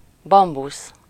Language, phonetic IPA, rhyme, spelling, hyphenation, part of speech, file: Hungarian, [ˈbɒmbus], -us, bambusz, bam‧busz, noun, Hu-bambusz.ogg
- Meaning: bamboo